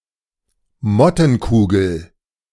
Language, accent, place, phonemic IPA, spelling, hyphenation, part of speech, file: German, Germany, Berlin, /ˈmɔtənˌkuːɡəl/, Mottenkugel, Mot‧ten‧ku‧gel, noun, De-Mottenkugel.ogg
- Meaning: mothball